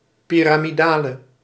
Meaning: inflection of piramidaal: 1. masculine/feminine singular attributive 2. definite neuter singular attributive 3. plural attributive
- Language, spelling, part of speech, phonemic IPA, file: Dutch, piramidale, adjective, /ˌpiramiˈdalə/, Nl-piramidale.ogg